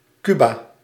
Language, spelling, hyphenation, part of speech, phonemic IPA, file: Dutch, Cuba, Cu‧ba, proper noun, /ˈky.baː/, Nl-Cuba.ogg
- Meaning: Cuba (a country, the largest island (based on land area) in the Caribbean)